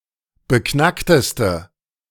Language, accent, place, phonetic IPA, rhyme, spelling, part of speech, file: German, Germany, Berlin, [bəˈknaktəstə], -aktəstə, beknackteste, adjective, De-beknackteste.ogg
- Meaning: inflection of beknackt: 1. strong/mixed nominative/accusative feminine singular superlative degree 2. strong nominative/accusative plural superlative degree